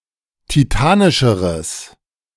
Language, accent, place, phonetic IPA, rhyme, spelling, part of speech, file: German, Germany, Berlin, [tiˈtaːnɪʃəʁəs], -aːnɪʃəʁəs, titanischeres, adjective, De-titanischeres.ogg
- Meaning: strong/mixed nominative/accusative neuter singular comparative degree of titanisch